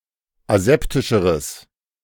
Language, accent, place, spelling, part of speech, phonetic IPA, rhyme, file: German, Germany, Berlin, aseptischeres, adjective, [aˈzɛptɪʃəʁəs], -ɛptɪʃəʁəs, De-aseptischeres.ogg
- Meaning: strong/mixed nominative/accusative neuter singular comparative degree of aseptisch